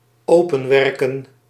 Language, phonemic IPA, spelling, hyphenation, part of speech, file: Dutch, /ˈoː.pə(n)ˌʋɛr.kə(n)/, openwerken, open‧wer‧ken, verb, Nl-openwerken.ogg
- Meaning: 1. to open with effort 2. to make a hole or opening